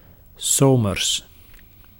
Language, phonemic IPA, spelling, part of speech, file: Dutch, /ˈsoː.mərs/, 's zomers, adverb, Nl-'s zomers.ogg
- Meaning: during the summer